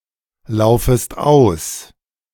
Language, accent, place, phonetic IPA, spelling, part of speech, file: German, Germany, Berlin, [ˌlaʊ̯fəst ˈaʊ̯s], laufest aus, verb, De-laufest aus.ogg
- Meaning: second-person singular subjunctive I of auslaufen